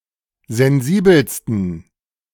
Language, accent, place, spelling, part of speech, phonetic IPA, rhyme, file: German, Germany, Berlin, sensibelsten, adjective, [zɛnˈziːbl̩stn̩], -iːbl̩stn̩, De-sensibelsten.ogg
- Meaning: 1. superlative degree of sensibel 2. inflection of sensibel: strong genitive masculine/neuter singular superlative degree